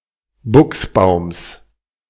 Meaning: genitive of Buchsbaum
- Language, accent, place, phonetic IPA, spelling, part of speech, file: German, Germany, Berlin, [ˈbʊksˌbaʊ̯ms], Buchsbaums, noun, De-Buchsbaums.ogg